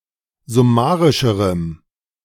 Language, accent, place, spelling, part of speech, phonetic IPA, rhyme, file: German, Germany, Berlin, summarischerem, adjective, [zʊˈmaːʁɪʃəʁəm], -aːʁɪʃəʁəm, De-summarischerem.ogg
- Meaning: strong dative masculine/neuter singular comparative degree of summarisch